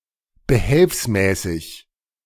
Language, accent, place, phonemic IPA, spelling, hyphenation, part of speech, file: German, Germany, Berlin, /bəˈhɛlfsˌmɛːsɪç/, behelfsmäßig, be‧helfs‧mä‧ßig, adjective, De-behelfsmäßig.ogg
- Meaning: makeshift